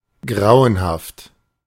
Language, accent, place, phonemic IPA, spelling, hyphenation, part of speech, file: German, Germany, Berlin, /ˈɡʁaʊ̯ənhaft/, grauenhaft, grau‧en‧haft, adjective / adverb, De-grauenhaft.ogg
- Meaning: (adjective) gruesome, atrocious; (adverb) horrifically, horrendously